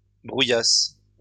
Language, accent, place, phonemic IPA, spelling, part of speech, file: French, France, Lyon, /bʁu.jas/, brouillasse, noun / verb, LL-Q150 (fra)-brouillasse.wav
- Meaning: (noun) Light fog with drizzle; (verb) inflection of brouillasser: 1. first/third-person singular present indicative/subjunctive 2. second-person singular imperative